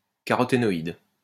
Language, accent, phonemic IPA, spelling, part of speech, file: French, France, /ka.ʁɔ.te.nɔ.id/, caroténoïde, noun, LL-Q150 (fra)-caroténoïde.wav
- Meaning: carotenoid